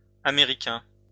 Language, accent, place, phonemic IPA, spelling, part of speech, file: French, France, Lyon, /a.me.ʁi.kɛ̃/, américains, adjective, LL-Q150 (fra)-américains.wav
- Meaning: masculine plural of américain